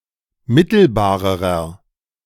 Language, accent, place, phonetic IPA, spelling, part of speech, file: German, Germany, Berlin, [ˈmɪtl̩baːʁəʁɐ], mittelbarerer, adjective, De-mittelbarerer.ogg
- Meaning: inflection of mittelbar: 1. strong/mixed nominative masculine singular comparative degree 2. strong genitive/dative feminine singular comparative degree 3. strong genitive plural comparative degree